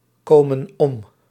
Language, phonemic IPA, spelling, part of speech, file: Dutch, /ˈkomə(n) ˈɔm/, komen om, verb, Nl-komen om.ogg
- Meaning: inflection of omkomen: 1. plural present indicative 2. plural present subjunctive